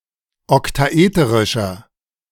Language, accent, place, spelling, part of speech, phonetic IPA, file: German, Germany, Berlin, oktaeterischer, adjective, [ɔktaˈʔeːtəʁɪʃɐ], De-oktaeterischer.ogg
- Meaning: inflection of oktaeterisch: 1. strong/mixed nominative masculine singular 2. strong genitive/dative feminine singular 3. strong genitive plural